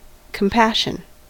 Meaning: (noun) Deep awareness of the suffering of others that people have to the point of them being motivated to relieve such states
- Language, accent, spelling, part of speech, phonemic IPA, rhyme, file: English, US, compassion, noun / verb, /kəmˈpæʃ.ən/, -æʃən, En-us-compassion.ogg